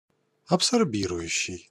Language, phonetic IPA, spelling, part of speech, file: Russian, [ɐpsɐrˈbʲirʊjʉɕːɪj], абсорбирующий, verb / adjective, Ru-абсорбирующий.ogg
- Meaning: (verb) present active imperfective participle of абсорби́ровать (absorbírovatʹ); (adjective) absorbing